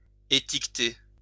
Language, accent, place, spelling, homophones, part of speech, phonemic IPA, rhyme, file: French, France, Lyon, étiqueter, étiquetai / étiqueté / étiquetée / étiquetées / étiquetés / étiquetez, verb, /e.tik.te/, -e, LL-Q150 (fra)-étiqueter.wav
- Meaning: label